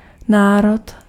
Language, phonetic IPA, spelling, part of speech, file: Czech, [ˈnaːrot], národ, noun, Cs-národ.ogg
- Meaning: 1. people, nation 2. ethnic group, ethnicity